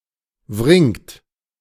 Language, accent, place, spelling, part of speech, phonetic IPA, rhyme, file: German, Germany, Berlin, wringt, verb, [vʁɪŋt], -ɪŋt, De-wringt.ogg
- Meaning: inflection of wringen: 1. third-person singular present 2. second-person plural present 3. plural imperative